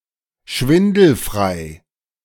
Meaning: unafraid of heights
- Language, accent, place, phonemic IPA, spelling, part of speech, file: German, Germany, Berlin, /ˈʃvɪndl̩fʁaɪ̯/, schwindelfrei, adjective, De-schwindelfrei.ogg